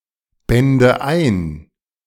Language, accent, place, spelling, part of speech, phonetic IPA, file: German, Germany, Berlin, bände ein, verb, [ˌbɛndə ˈaɪ̯n], De-bände ein.ogg
- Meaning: first/third-person singular subjunctive II of einbinden